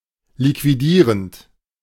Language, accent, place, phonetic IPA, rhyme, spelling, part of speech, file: German, Germany, Berlin, [likviˈdiːʁənt], -iːʁənt, liquidierend, verb, De-liquidierend.ogg
- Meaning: present participle of liquidieren